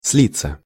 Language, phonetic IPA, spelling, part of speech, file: Russian, [ˈs⁽ʲ⁾lʲit͡sːə], слиться, verb, Ru-слиться.ogg
- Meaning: 1. to flow together, to interflow 2. to merge, to fuse, to blend 3. passive of слить (slitʹ) 4. to drop out, to dismiss